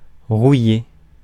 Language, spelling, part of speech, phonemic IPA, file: French, rouiller, verb, /ʁu.je/, Fr-rouiller.ogg
- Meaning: 1. to rust 2. to get rusty by lack of practise